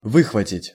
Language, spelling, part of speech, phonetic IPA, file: Russian, выхватить, verb, [ˈvɨxvətʲɪtʲ], Ru-выхватить.ogg
- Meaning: to snatch out, to snap out